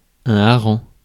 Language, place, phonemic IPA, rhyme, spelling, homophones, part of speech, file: French, Paris, /a.ʁɑ̃/, -ɑ̃, hareng, harengs, noun, Fr-hareng.ogg
- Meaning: 1. herring 2. pimp